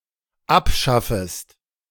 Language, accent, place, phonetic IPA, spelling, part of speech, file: German, Germany, Berlin, [ˈapˌʃafəst], abschaffest, verb, De-abschaffest.ogg
- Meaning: second-person singular dependent subjunctive I of abschaffen